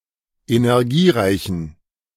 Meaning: inflection of energiereich: 1. strong genitive masculine/neuter singular 2. weak/mixed genitive/dative all-gender singular 3. strong/weak/mixed accusative masculine singular 4. strong dative plural
- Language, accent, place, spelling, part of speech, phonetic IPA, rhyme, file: German, Germany, Berlin, energiereichen, adjective, [enɛʁˈɡiːˌʁaɪ̯çn̩], -iːʁaɪ̯çn̩, De-energiereichen.ogg